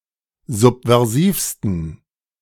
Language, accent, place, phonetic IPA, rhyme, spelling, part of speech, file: German, Germany, Berlin, [ˌzupvɛʁˈziːfstn̩], -iːfstn̩, subversivsten, adjective, De-subversivsten.ogg
- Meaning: 1. superlative degree of subversiv 2. inflection of subversiv: strong genitive masculine/neuter singular superlative degree